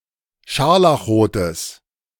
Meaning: strong/mixed nominative/accusative neuter singular of scharlachrot
- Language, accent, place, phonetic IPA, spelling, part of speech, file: German, Germany, Berlin, [ˈʃaʁlaxˌʁoːtəs], scharlachrotes, adjective, De-scharlachrotes.ogg